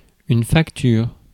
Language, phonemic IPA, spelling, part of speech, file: French, /fak.tyʁ/, facture, noun / verb, Fr-facture.ogg
- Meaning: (noun) 1. bill, invoice 2. craft, making, fabric; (verb) inflection of facturer: 1. first/third-person singular present indicative/subjunctive 2. second-person singular imperative